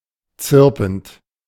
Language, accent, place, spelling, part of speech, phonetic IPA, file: German, Germany, Berlin, zirpend, verb, [ˈt͡sɪʁpn̩t], De-zirpend.ogg
- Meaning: present participle of zirpen